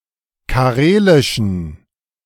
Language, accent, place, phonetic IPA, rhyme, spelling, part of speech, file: German, Germany, Berlin, [kaˈʁeːlɪʃn̩], -eːlɪʃn̩, karelischen, adjective, De-karelischen.ogg
- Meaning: inflection of karelisch: 1. strong genitive masculine/neuter singular 2. weak/mixed genitive/dative all-gender singular 3. strong/weak/mixed accusative masculine singular 4. strong dative plural